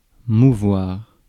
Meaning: 1. to move 2. to go around, to move about
- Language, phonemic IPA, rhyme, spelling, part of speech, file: French, /mu.vwaʁ/, -waʁ, mouvoir, verb, Fr-mouvoir.ogg